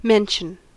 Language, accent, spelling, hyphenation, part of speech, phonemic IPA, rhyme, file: English, US, mention, men‧tion, noun / verb, /ˈmɛnʃən/, -ɛnʃən, En-us-mention.ogg
- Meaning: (noun) 1. A speaking or noticing of anything, usually in a brief or cursory manner 2. A social media feed, a list of replies or posts mentioning a person